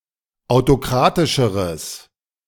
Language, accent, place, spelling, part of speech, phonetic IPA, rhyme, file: German, Germany, Berlin, autokratischeres, adjective, [aʊ̯toˈkʁaːtɪʃəʁəs], -aːtɪʃəʁəs, De-autokratischeres.ogg
- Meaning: strong/mixed nominative/accusative neuter singular comparative degree of autokratisch